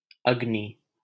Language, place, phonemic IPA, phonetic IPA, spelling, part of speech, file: Hindi, Delhi, /əɡ.niː/, [ɐɡ.niː], अग्नि, noun / proper noun, LL-Q1568 (hin)-अग्नि.wav
- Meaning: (noun) fire; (proper noun) 1. Agni, the God of fire 2. Agni (missile)